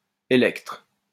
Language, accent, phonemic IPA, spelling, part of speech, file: French, France, /e.lɛktʁ/, Électre, proper noun, LL-Q150 (fra)-Électre.wav
- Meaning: Electra